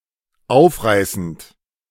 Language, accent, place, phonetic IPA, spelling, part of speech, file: German, Germany, Berlin, [ˈaʊ̯fˌʁaɪ̯sn̩t], aufreißend, verb, De-aufreißend.ogg
- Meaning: present participle of aufreißen